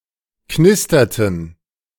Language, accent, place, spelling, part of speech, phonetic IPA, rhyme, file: German, Germany, Berlin, knisterten, verb, [ˈknɪstɐtn̩], -ɪstɐtn̩, De-knisterten.ogg
- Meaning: inflection of knistern: 1. first/third-person plural preterite 2. first/third-person plural subjunctive II